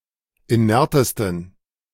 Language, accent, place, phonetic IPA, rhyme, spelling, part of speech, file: German, Germany, Berlin, [iˈnɛʁtəstn̩], -ɛʁtəstn̩, inertesten, adjective, De-inertesten.ogg
- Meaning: 1. superlative degree of inert 2. inflection of inert: strong genitive masculine/neuter singular superlative degree